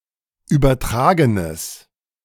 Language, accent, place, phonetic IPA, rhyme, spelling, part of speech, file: German, Germany, Berlin, [ˌyːbɐˈtʁaːɡənəs], -aːɡənəs, übertragenes, adjective, De-übertragenes.ogg
- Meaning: strong/mixed nominative/accusative neuter singular of übertragen